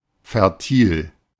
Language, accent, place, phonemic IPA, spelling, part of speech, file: German, Germany, Berlin, /fɛʁˈtiːl/, fertil, adjective, De-fertil.ogg
- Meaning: fertile